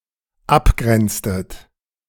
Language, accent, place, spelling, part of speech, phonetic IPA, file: German, Germany, Berlin, abgrenztet, verb, [ˈapˌɡʁɛnt͡stət], De-abgrenztet.ogg
- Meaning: inflection of abgrenzen: 1. second-person plural dependent preterite 2. second-person plural dependent subjunctive II